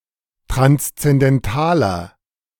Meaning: 1. comparative degree of transzendental 2. inflection of transzendental: strong/mixed nominative masculine singular 3. inflection of transzendental: strong genitive/dative feminine singular
- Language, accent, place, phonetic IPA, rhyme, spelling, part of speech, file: German, Germany, Berlin, [tʁanst͡sɛndɛnˈtaːlɐ], -aːlɐ, transzendentaler, adjective, De-transzendentaler.ogg